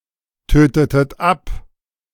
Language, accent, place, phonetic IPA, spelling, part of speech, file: German, Germany, Berlin, [ˌtøːtətət ˈap], tötetet ab, verb, De-tötetet ab.ogg
- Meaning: inflection of abtöten: 1. second-person plural preterite 2. second-person plural subjunctive II